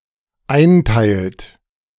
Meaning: inflection of einteilen: 1. third-person singular dependent present 2. second-person plural dependent present
- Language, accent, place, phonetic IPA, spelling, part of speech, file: German, Germany, Berlin, [ˈaɪ̯nˌtaɪ̯lt], einteilt, verb, De-einteilt.ogg